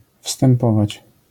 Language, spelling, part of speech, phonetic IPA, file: Polish, wstępować, verb, [fstɛ̃mˈpɔvat͡ɕ], LL-Q809 (pol)-wstępować.wav